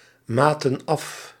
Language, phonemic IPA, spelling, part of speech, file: Dutch, /ˈmatə(n) ˈɑf/, maten af, verb, Nl-maten af.ogg
- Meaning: inflection of afmeten: 1. plural past indicative 2. plural past subjunctive